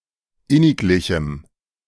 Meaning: strong dative masculine/neuter singular of inniglich
- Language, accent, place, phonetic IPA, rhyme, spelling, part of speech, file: German, Germany, Berlin, [ˈɪnɪkˌlɪçm̩], -ɪnɪklɪçm̩, inniglichem, adjective, De-inniglichem.ogg